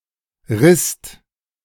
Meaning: 1. instep 2. back of the hand 3. withers
- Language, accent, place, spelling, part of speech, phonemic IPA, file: German, Germany, Berlin, Rist, noun, /ʁɪst/, De-Rist.ogg